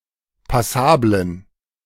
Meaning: inflection of passabel: 1. strong genitive masculine/neuter singular 2. weak/mixed genitive/dative all-gender singular 3. strong/weak/mixed accusative masculine singular 4. strong dative plural
- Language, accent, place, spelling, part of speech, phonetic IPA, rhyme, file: German, Germany, Berlin, passablen, adjective, [paˈsaːblən], -aːblən, De-passablen.ogg